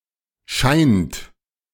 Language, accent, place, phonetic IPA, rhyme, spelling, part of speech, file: German, Germany, Berlin, [ʃaɪ̯nt], -aɪ̯nt, scheint, verb, De-scheint.ogg
- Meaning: inflection of scheinen: 1. third-person singular present 2. second-person plural present 3. plural imperative